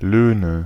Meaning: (proper noun) a town in North Rhine-Westphalia, Germany; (noun) nominative/accusative/genitive plural of Lohn
- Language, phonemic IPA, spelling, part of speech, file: German, /ˈløːnə/, Löhne, proper noun / noun, De-Löhne.ogg